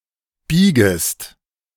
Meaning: second-person singular subjunctive I of biegen
- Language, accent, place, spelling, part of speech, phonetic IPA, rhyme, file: German, Germany, Berlin, biegest, verb, [ˈbiːɡəst], -iːɡəst, De-biegest.ogg